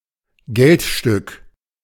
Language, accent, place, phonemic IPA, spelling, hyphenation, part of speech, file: German, Germany, Berlin, /ˈɡɛltˌʃtʏk/, Geldstück, Geld‧stück, noun, De-Geldstück.ogg
- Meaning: coin (piece of currency)